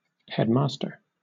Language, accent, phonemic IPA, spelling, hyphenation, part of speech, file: English, Southern England, /ˈhɛdˌmɑːstə/, headmaster, head‧mas‧ter, noun, LL-Q1860 (eng)-headmaster.wav
- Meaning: A male headteacher